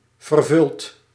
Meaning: past participle of vervullen
- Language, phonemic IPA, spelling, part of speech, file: Dutch, /vərˈvʏlt/, vervuld, verb, Nl-vervuld.ogg